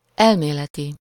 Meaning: theoretical
- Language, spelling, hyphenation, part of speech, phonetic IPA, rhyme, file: Hungarian, elméleti, el‧mé‧le‧ti, adjective, [ˈɛlmeːlɛti], -ti, Hu-elméleti.ogg